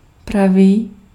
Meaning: 1. right (of direction) 2. right (of angle) 3. true, genuine 4. right, proper
- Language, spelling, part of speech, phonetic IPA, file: Czech, pravý, adjective, [ˈpraviː], Cs-pravý.ogg